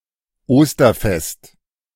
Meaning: Easter, Easter holiday
- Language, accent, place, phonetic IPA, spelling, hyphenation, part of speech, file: German, Germany, Berlin, [ˈoːstɐˌfɛst], Osterfest, Os‧ter‧fest, noun, De-Osterfest.ogg